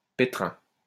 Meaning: 1. kneading trough 2. a pickle, mess, scrape, the soup
- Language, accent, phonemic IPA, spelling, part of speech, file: French, France, /pe.tʁɛ̃/, pétrin, noun, LL-Q150 (fra)-pétrin.wav